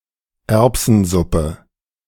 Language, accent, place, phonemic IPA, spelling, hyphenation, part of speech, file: German, Germany, Berlin, /ˈɛrpsənˌzʊpə/, Erbsensuppe, Erb‧sen‧sup‧pe, noun, De-Erbsensuppe.ogg
- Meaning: pea soup